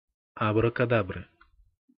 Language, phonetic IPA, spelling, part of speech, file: Russian, [ɐbrəkɐˈdabrɨ], абракадабры, noun, Ru-абракадабры.ogg
- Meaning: inflection of абракада́бра (abrakadábra): 1. genitive singular 2. nominative/accusative plural